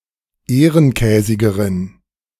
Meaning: inflection of ehrenkäsig: 1. strong genitive masculine/neuter singular comparative degree 2. weak/mixed genitive/dative all-gender singular comparative degree
- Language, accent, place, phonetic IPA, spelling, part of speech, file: German, Germany, Berlin, [ˈeːʁənˌkɛːzɪɡəʁən], ehrenkäsigeren, adjective, De-ehrenkäsigeren.ogg